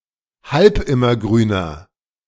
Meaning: inflection of halbimmergrün: 1. strong/mixed nominative masculine singular 2. strong genitive/dative feminine singular 3. strong genitive plural
- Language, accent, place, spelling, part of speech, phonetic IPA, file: German, Germany, Berlin, halbimmergrüner, adjective, [ˈhalpˌɪmɐˌɡʁyːnɐ], De-halbimmergrüner.ogg